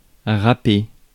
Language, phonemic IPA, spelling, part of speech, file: French, /ʁa.pe/, rapper, verb, Fr-rapper.ogg
- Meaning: to speak (lyrics) in the style of rap music